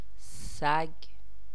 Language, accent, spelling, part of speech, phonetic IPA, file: Persian, Iran, سگ, noun, [sæɡʲ̥], Fa-سگ.ogg
- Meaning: 1. dog 2. Canis 3. dog, wretch (annoying, worthless, or reprehensible person)